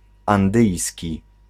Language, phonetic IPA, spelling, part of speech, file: Polish, [ãnˈdɨjsʲci], andyjski, adjective, Pl-andyjski.ogg